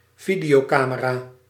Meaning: video camera
- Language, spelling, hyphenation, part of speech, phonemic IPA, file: Dutch, videocamera, vi‧deo‧ca‧me‧ra, noun, /ˈvi.di.oːˌkaː.mə.raː/, Nl-videocamera.ogg